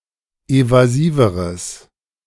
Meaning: strong/mixed nominative/accusative neuter singular comparative degree of evasiv
- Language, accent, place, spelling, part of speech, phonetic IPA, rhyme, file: German, Germany, Berlin, evasiveres, adjective, [ˌevaˈziːvəʁəs], -iːvəʁəs, De-evasiveres.ogg